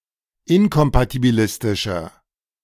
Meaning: inflection of inkompatibilistisch: 1. strong/mixed nominative masculine singular 2. strong genitive/dative feminine singular 3. strong genitive plural
- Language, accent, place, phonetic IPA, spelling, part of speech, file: German, Germany, Berlin, [ˈɪnkɔmpatibiˌlɪstɪʃɐ], inkompatibilistischer, adjective, De-inkompatibilistischer.ogg